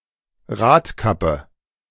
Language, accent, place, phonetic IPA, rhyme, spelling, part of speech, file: German, Germany, Berlin, [ˈʁaːtˌkapə], -aːtkapə, Radkappe, noun, De-Radkappe.ogg
- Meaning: hubcap